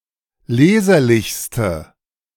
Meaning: inflection of leserlich: 1. strong/mixed nominative/accusative feminine singular superlative degree 2. strong nominative/accusative plural superlative degree
- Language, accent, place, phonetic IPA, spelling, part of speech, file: German, Germany, Berlin, [ˈleːzɐlɪçstə], leserlichste, adjective, De-leserlichste.ogg